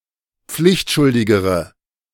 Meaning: inflection of pflichtschuldig: 1. strong/mixed nominative/accusative feminine singular comparative degree 2. strong nominative/accusative plural comparative degree
- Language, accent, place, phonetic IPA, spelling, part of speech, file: German, Germany, Berlin, [ˈp͡flɪçtˌʃʊldɪɡəʁə], pflichtschuldigere, adjective, De-pflichtschuldigere.ogg